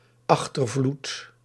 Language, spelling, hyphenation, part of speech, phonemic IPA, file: Dutch, achtervloed, ach‧ter‧vloed, noun, /ˈɑx.tərˌvlut/, Nl-achtervloed.ogg
- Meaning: the final portion or period of a flood